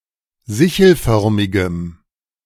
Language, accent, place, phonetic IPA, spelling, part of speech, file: German, Germany, Berlin, [ˈzɪçl̩ˌfœʁmɪɡəm], sichelförmigem, adjective, De-sichelförmigem.ogg
- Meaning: strong dative masculine/neuter singular of sichelförmig